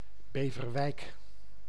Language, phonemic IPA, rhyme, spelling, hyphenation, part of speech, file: Dutch, /ˌbeː.vərˈʋɛi̯k/, -ɛi̯k, Beverwijk, Be‧ver‧wijk, proper noun, Nl-Beverwijk.ogg
- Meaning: a city and municipality of North Holland, Netherlands